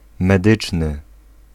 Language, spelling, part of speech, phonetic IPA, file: Polish, medyczny, adjective, [mɛˈdɨt͡ʃnɨ], Pl-medyczny.ogg